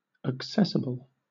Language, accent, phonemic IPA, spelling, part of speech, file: English, Southern England, /əkˈsɛs.ɪ.bəl/, accessible, adjective, LL-Q1860 (eng)-accessible.wav
- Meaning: 1. Easy of access or approach 2. Built or designed as to be usable by people with disabilities 3. Easy to get along with 4. Open to the influence of 5. Obtainable; to be got at